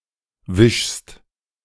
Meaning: second-person singular present of wischen
- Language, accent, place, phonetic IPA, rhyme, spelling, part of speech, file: German, Germany, Berlin, [vɪʃst], -ɪʃst, wischst, verb, De-wischst.ogg